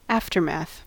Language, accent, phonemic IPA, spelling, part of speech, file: English, US, /ˈæf.tɚˌmæθ/, aftermath, noun, En-us-aftermath.ogg
- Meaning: That which happens after, that which follows, usually of strongly negative connotation in most contexts, implying a preceding catastrophe